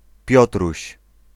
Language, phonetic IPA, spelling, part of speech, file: Polish, [ˈpʲjɔtruɕ], Piotruś, proper noun, Pl-Piotruś.ogg